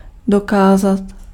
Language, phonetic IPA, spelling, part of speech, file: Czech, [ˈdokaːzat], dokázat, verb, Cs-dokázat.ogg
- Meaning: 1. to prove (demonstrate to be true) 2. to achieve (be able to do something difficult)